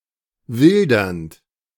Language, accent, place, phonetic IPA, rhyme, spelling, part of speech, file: German, Germany, Berlin, [ˈvɪldɐnt], -ɪldɐnt, wildernd, verb, De-wildernd.ogg
- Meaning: present participle of wildern